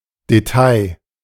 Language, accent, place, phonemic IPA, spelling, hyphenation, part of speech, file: German, Germany, Berlin, /deˈtaɪ̯/, Detail, De‧tail, noun, De-Detail.ogg
- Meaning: detail